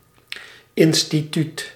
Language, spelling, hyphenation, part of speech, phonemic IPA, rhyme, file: Dutch, instituut, in‧sti‧tuut, noun, /ˌɪn.stiˈtyt/, -yt, Nl-instituut.ogg
- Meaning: 1. institute (establishment serving a particular purpose) 2. rule